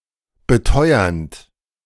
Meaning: present participle of beteuern
- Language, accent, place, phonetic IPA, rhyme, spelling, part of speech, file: German, Germany, Berlin, [bəˈtɔɪ̯ɐnt], -ɔɪ̯ɐnt, beteuernd, verb, De-beteuernd.ogg